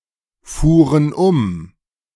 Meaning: first/third-person plural preterite of umfahren
- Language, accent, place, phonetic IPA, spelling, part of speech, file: German, Germany, Berlin, [ˌfuːʁən ˈʊm], fuhren um, verb, De-fuhren um.ogg